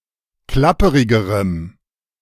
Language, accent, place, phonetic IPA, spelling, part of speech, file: German, Germany, Berlin, [ˈklapəʁɪɡəʁəm], klapperigerem, adjective, De-klapperigerem.ogg
- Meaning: strong dative masculine/neuter singular comparative degree of klapperig